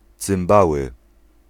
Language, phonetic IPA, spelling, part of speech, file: Polish, [t͡sɨ̃mˈbawɨ], cymbały, noun, Pl-cymbały.ogg